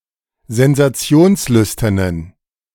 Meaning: inflection of sensationslüstern: 1. strong genitive masculine/neuter singular 2. weak/mixed genitive/dative all-gender singular 3. strong/weak/mixed accusative masculine singular
- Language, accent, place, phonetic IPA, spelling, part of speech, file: German, Germany, Berlin, [zɛnzaˈt͡si̯oːnsˌlʏstɐnən], sensationslüsternen, adjective, De-sensationslüsternen.ogg